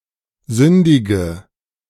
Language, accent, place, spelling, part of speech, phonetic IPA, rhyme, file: German, Germany, Berlin, sündige, verb, [ˈzʏndɪɡə], -ʏndɪɡə, De-sündige.ogg
- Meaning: inflection of sündigen: 1. first-person singular present 2. singular imperative 3. first/third-person singular subjunctive I